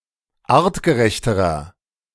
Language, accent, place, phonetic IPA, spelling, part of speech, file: German, Germany, Berlin, [ˈaːʁtɡəˌʁɛçtəʁɐ], artgerechterer, adjective, De-artgerechterer.ogg
- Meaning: inflection of artgerecht: 1. strong/mixed nominative masculine singular comparative degree 2. strong genitive/dative feminine singular comparative degree 3. strong genitive plural comparative degree